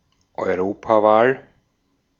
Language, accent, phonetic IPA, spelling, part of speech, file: German, Austria, [ɔɪ̯ˈʁoːpaˌvaːl], Europawahl, noun, De-at-Europawahl.ogg
- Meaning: European election, European Parliament election (election of the European Parliament)